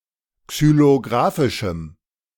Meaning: strong dative masculine/neuter singular of xylographisch
- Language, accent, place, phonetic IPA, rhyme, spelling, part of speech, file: German, Germany, Berlin, [ksyloˈɡʁaːfɪʃm̩], -aːfɪʃm̩, xylographischem, adjective, De-xylographischem.ogg